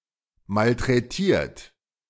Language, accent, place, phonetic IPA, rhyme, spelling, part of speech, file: German, Germany, Berlin, [maltʁɛˈtiːɐ̯t], -iːɐ̯t, malträtiert, verb, De-malträtiert.ogg
- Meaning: 1. past participle of malträtieren 2. inflection of malträtieren: third-person singular present 3. inflection of malträtieren: second-person plural present